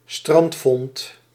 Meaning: 1. a stranded discovered object, a beach find 2. several of the above stranded finds, collectively
- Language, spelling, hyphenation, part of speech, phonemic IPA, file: Dutch, strandvond, strand‧vond, noun, /ˈstrɑnt.fɔnt/, Nl-strandvond.ogg